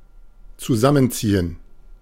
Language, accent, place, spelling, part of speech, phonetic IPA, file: German, Germany, Berlin, zusammenziehen, verb, [t͡suˈzamənˌt͡siːən], De-zusammenziehen.ogg
- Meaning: 1. to shorten, to contract 2. to move in together; to shack up [with mit (+ dative) ‘with someone’]